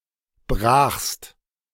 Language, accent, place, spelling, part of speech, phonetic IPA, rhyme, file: German, Germany, Berlin, brachst, verb, [bʁaːxst], -aːxst, De-brachst.ogg
- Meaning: second-person singular preterite of brechen